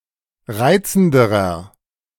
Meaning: inflection of reizend: 1. strong/mixed nominative masculine singular comparative degree 2. strong genitive/dative feminine singular comparative degree 3. strong genitive plural comparative degree
- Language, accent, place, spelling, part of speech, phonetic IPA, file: German, Germany, Berlin, reizenderer, adjective, [ˈʁaɪ̯t͡sn̩dəʁɐ], De-reizenderer.ogg